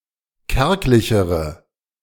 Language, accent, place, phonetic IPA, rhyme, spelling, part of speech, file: German, Germany, Berlin, [ˈkɛʁklɪçəʁə], -ɛʁklɪçəʁə, kärglichere, adjective, De-kärglichere.ogg
- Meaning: inflection of kärglich: 1. strong/mixed nominative/accusative feminine singular comparative degree 2. strong nominative/accusative plural comparative degree